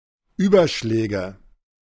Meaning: nominative/accusative/genitive plural of Überschlag
- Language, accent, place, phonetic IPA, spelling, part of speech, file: German, Germany, Berlin, [ˈyːbɐˌʃlɛːɡə], Überschläge, noun, De-Überschläge.ogg